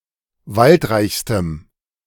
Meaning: strong dative masculine/neuter singular superlative degree of waldreich
- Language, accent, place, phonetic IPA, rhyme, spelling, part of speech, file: German, Germany, Berlin, [ˈvaltˌʁaɪ̯çstəm], -altʁaɪ̯çstəm, waldreichstem, adjective, De-waldreichstem.ogg